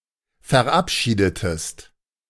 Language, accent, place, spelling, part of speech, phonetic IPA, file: German, Germany, Berlin, verabschiedetest, verb, [fɛɐ̯ˈʔapˌʃiːdətəst], De-verabschiedetest.ogg
- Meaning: inflection of verabschieden: 1. second-person singular preterite 2. second-person singular subjunctive II